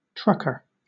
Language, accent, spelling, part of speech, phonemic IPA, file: English, Southern England, trucker, noun / adjective, /ˈtɹʌkə/, LL-Q1860 (eng)-trucker.wav
- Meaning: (noun) 1. One who has done something offensive; a deceitful, dishonest, or disreputable person; a deceiver; a cheat 2. A rogue; rascal; miscreant; a ne'er-do-well